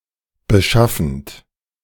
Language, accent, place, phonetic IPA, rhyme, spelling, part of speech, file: German, Germany, Berlin, [bəˈʃafn̩t], -afn̩t, beschaffend, verb, De-beschaffend.ogg
- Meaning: present participle of beschaffen